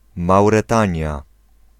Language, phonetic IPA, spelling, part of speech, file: Polish, [ˌmawrɛˈtãɲja], Mauretania, proper noun, Pl-Mauretania.ogg